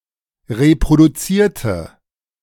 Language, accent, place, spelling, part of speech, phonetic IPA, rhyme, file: German, Germany, Berlin, reproduzierte, adjective / verb, [ʁepʁoduˈt͡siːɐ̯tə], -iːɐ̯tə, De-reproduzierte.ogg
- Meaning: inflection of reproduzieren: 1. first/third-person singular preterite 2. first/third-person singular subjunctive II